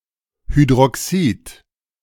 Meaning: hydroxide
- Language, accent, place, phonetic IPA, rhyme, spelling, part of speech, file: German, Germany, Berlin, [hydʁɔˈksiːt], -iːt, Hydroxid, noun, De-Hydroxid.ogg